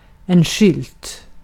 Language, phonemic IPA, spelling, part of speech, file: Swedish, /ɧʏlt/, skylt, noun, Sv-skylt.ogg
- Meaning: a sign (clearly visible, generally flat object bearing a short message in words or pictures)